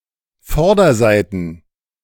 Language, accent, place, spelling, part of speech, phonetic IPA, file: German, Germany, Berlin, Vorderseiten, noun, [ˈfɔʁdɐˌzaɪ̯tn̩], De-Vorderseiten.ogg
- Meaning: plural of Vorderseite